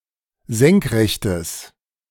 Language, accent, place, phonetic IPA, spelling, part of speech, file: German, Germany, Berlin, [ˈzɛŋkˌʁɛçtəs], senkrechtes, adjective, De-senkrechtes.ogg
- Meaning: strong/mixed nominative/accusative neuter singular of senkrecht